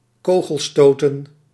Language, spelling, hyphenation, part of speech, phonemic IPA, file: Dutch, kogelstoten, ko‧gel‧sto‧ten, noun, /ˈkoː.ɣəlˌstoː.tə(n)/, Nl-kogelstoten.ogg
- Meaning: shot put